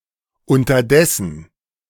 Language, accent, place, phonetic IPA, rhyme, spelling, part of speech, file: German, Germany, Berlin, [ʊntɐˈdɛsn̩], -ɛsn̩, unterdessen, adverb, De-unterdessen.ogg
- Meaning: meanwhile, in the meantime